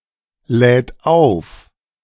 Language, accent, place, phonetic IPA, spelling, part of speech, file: German, Germany, Berlin, [ˌlɛːt ˈaʊ̯f], lädt auf, verb, De-lädt auf.ogg
- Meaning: third-person singular present of aufladen